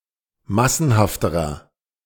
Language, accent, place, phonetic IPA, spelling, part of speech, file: German, Germany, Berlin, [ˈmasn̩haftəʁɐ], massenhafterer, adjective, De-massenhafterer.ogg
- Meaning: inflection of massenhaft: 1. strong/mixed nominative masculine singular comparative degree 2. strong genitive/dative feminine singular comparative degree 3. strong genitive plural comparative degree